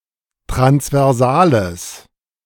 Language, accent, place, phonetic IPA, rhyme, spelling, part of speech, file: German, Germany, Berlin, [tʁansvɛʁˈzaːləs], -aːləs, transversales, adjective, De-transversales.ogg
- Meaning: strong/mixed nominative/accusative neuter singular of transversal